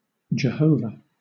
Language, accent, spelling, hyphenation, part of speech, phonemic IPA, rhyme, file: English, Southern England, Jehovah, Je‧ho‧vah, proper noun / noun, /d͡ʒəˈhəʊ.və/, -əʊvə, LL-Q1860 (eng)-Jehovah.wav
- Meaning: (proper noun) 1. A transliteration of the Masoretic pronunciation of the Tetragrammaton 2. A male given name from Hebrew; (noun) A Jehovah's Witness